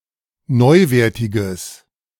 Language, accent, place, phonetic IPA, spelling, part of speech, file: German, Germany, Berlin, [ˈnɔɪ̯ˌveːɐ̯tɪɡəs], neuwertiges, adjective, De-neuwertiges.ogg
- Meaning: strong/mixed nominative/accusative neuter singular of neuwertig